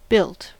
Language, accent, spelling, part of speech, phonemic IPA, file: English, General American, built, adjective / noun / verb, /ˈbɪlt/, En-us-built.ogg
- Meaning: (adjective) well-built, muscular or toned; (noun) Shape; build; form of structure; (verb) simple past and past participle of build